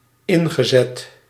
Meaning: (adjective) encrusted; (verb) past participle of inzetten
- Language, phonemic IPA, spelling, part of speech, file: Dutch, /ˈɪŋɣəˌzɛt/, ingezet, verb / adjective, Nl-ingezet.ogg